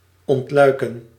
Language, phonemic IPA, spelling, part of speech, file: Dutch, /ˌɔntˈlœy̯.kə(n)/, ontluiken, verb, Nl-ontluiken.ogg
- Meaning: to bud, to sprout